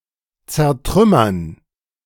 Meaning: to smash (into pieces), to shatter, to pound
- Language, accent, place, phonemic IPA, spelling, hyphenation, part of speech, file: German, Germany, Berlin, /t͡sɛɐ̯ˈtʁʏmɐn/, zertrümmern, zer‧trüm‧mern, verb, De-zertrümmern.ogg